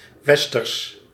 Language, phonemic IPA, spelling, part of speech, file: Dutch, /ʋɛs.tǝɾs/, westers, adjective, Nl-westers.ogg
- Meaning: western, Western